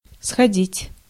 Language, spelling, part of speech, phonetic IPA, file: Russian, сходить, verb, [sxɐˈdʲitʲ], Ru-сходить.ogg
- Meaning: 1. to go down, to come down, to descend, to get off 2. to come off, to disappear 3. to pass by 4. to pass for, to be taken for 5. to drift 6. to go and get, to fetch 7. to go and come back